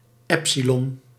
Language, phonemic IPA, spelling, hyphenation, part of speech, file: Dutch, /ˈɛpsilɔn/, epsilon, ep‧si‧lon, noun, Nl-epsilon.ogg
- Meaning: 1. epsilon, the name for the fifth letter of the Greek alphabet 2. the IPA symbol that represents the open-mid front unrounded vowel 3. an arbitrarily small quantity